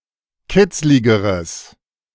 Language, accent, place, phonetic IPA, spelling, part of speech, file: German, Germany, Berlin, [ˈkɪt͡slɪɡəʁəs], kitzligeres, adjective, De-kitzligeres.ogg
- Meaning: strong/mixed nominative/accusative neuter singular comparative degree of kitzlig